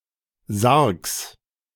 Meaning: genitive singular of Sarg
- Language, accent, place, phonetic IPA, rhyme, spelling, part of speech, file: German, Germany, Berlin, [zaʁks], -aʁks, Sargs, noun, De-Sargs.ogg